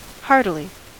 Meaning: In a hearty manner
- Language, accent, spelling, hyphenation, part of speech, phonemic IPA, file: English, US, heartily, heart‧i‧ly, adverb, /ˈhɑɹtɪli/, En-us-heartily.ogg